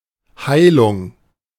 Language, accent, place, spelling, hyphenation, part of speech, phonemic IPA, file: German, Germany, Berlin, Heilung, Hei‧lung, noun, /ˈhaɪ̯lʊŋ/, De-Heilung.ogg
- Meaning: healing